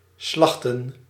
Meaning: to slaughter
- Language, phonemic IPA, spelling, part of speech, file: Dutch, /ˈslɑxtə(n)/, slachten, verb, Nl-slachten.ogg